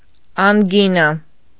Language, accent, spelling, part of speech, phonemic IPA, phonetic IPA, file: Armenian, Eastern Armenian, անգինա, noun, /ɑnˈɡinɑ/, [ɑŋɡínɑ], Hy-անգինա.ogg
- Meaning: tonsillitis